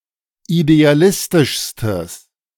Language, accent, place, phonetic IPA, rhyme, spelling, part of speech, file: German, Germany, Berlin, [ideaˈlɪstɪʃstəs], -ɪstɪʃstəs, idealistischstes, adjective, De-idealistischstes.ogg
- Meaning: strong/mixed nominative/accusative neuter singular superlative degree of idealistisch